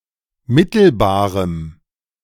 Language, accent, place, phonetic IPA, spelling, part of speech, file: German, Germany, Berlin, [ˈmɪtl̩baːʁəm], mittelbarem, adjective, De-mittelbarem.ogg
- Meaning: strong dative masculine/neuter singular of mittelbar